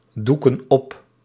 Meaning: inflection of opdoeken: 1. plural present indicative 2. plural present subjunctive
- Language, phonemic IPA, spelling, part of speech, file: Dutch, /ˈdukə(n) ˈɔp/, doeken op, verb, Nl-doeken op.ogg